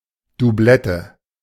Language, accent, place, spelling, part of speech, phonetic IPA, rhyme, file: German, Germany, Berlin, Dublette, noun, [duˈblɛtə], -ɛtə, De-Dublette.ogg
- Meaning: 1. duplicate 2. doublet 3. double hit